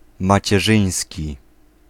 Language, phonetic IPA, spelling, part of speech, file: Polish, [ˌmat͡ɕɛˈʒɨ̃j̃sʲci], macierzyński, adjective, Pl-macierzyński.ogg